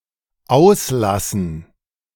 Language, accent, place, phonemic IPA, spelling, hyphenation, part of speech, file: German, Germany, Berlin, /ˈaʊ̯sˌlasən/, auslassen, aus‧las‧sen, verb, De-auslassen.ogg
- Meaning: 1. to leave out, omit 2. to melt (butter etc.); to render down (bacon, fat etc.) 3. to let out (clothes) 4. to vent, air, to take out 5. to release, to unclasp, to let go